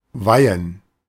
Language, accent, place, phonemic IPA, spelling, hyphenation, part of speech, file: German, Germany, Berlin, /ˈvaɪ̯ən/, weihen, wei‧hen, verb, De-weihen.ogg
- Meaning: 1. to dedicate to a cause or purpose 2. to consecrate 3. to ordain, to invest someone in a religious office